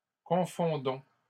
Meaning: inflection of confondre: 1. first-person plural present indicative 2. first-person plural imperative
- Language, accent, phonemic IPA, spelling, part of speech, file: French, Canada, /kɔ̃.fɔ̃.dɔ̃/, confondons, verb, LL-Q150 (fra)-confondons.wav